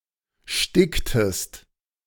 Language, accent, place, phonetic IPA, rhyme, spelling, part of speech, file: German, Germany, Berlin, [ˈʃtɪktəst], -ɪktəst, sticktest, verb, De-sticktest.ogg
- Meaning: inflection of sticken: 1. second-person singular preterite 2. second-person singular subjunctive II